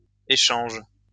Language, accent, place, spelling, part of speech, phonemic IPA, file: French, France, Lyon, échanges, noun / verb, /e.ʃɑ̃ʒ/, LL-Q150 (fra)-échanges.wav
- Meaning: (noun) plural of échange; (verb) second-person singular present indicative/subjunctive of échanger